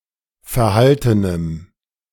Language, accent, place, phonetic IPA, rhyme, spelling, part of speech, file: German, Germany, Berlin, [fɛɐ̯ˈhaltənəm], -altənəm, verhaltenem, adjective, De-verhaltenem.ogg
- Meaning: strong dative masculine/neuter singular of verhalten